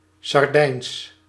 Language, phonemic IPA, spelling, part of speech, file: Dutch, /sɑrˈdɛins/, Sardijns, proper noun, Nl-Sardijns.ogg
- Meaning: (adjective) Sardinian; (proper noun) Sardinian (language)